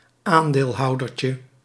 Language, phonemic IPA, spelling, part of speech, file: Dutch, /ˈandelˌhɑudərcə/, aandeelhoudertje, noun, Nl-aandeelhoudertje.ogg
- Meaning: diminutive of aandeelhouder